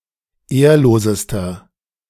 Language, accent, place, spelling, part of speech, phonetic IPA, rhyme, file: German, Germany, Berlin, ehrlosester, adjective, [ˈeːɐ̯loːzəstɐ], -eːɐ̯loːzəstɐ, De-ehrlosester.ogg
- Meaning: inflection of ehrlos: 1. strong/mixed nominative masculine singular superlative degree 2. strong genitive/dative feminine singular superlative degree 3. strong genitive plural superlative degree